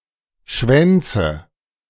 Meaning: nominative/accusative/genitive plural of Schwanz
- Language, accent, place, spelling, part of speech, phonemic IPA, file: German, Germany, Berlin, Schwänze, noun, /ˈʃvɛntsə/, De-Schwänze.ogg